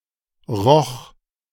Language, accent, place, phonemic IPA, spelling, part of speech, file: German, Germany, Berlin, /ʁɔx/, roch, verb, De-roch.ogg
- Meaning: first/third-person singular preterite of riechen